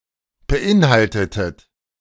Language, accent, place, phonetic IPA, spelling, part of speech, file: German, Germany, Berlin, [bəˈʔɪnˌhaltətət], beinhaltetet, verb, De-beinhaltetet.ogg
- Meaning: inflection of beinhalten: 1. second-person plural preterite 2. second-person plural subjunctive II